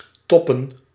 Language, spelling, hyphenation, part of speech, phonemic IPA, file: Dutch, toppen, top‧pen, verb / noun, /ˈtɔ.pə(n)/, Nl-toppen.ogg
- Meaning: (verb) 1. to top (to cut or remove the top (as of a tree)) 2. to top (to cover on the top or with a top) 3. to top (to excel, to surpass, to beat, to exceed); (noun) plural of top